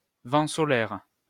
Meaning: solar wind
- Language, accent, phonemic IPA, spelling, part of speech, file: French, France, /vɑ̃ sɔ.lɛʁ/, vent solaire, noun, LL-Q150 (fra)-vent solaire.wav